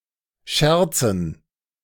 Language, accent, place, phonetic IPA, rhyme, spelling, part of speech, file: German, Germany, Berlin, [ˈʃɛʁt͡sn̩], -ɛʁt͡sn̩, Scherzen, noun, De-Scherzen.ogg
- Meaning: dative plural of Scherz